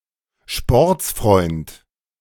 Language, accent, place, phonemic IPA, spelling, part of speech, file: German, Germany, Berlin, /ˈʃpɔʁt͡sfʁɔɪ̯nt/, Sportsfreund, noun, De-Sportsfreund.ogg
- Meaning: 1. mate, buddy (term of address) 2. sport enthusiast